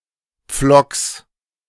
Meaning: genitive singular of Pflock
- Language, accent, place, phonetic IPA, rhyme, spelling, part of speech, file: German, Germany, Berlin, [p͡flɔks], -ɔks, Pflocks, noun, De-Pflocks.ogg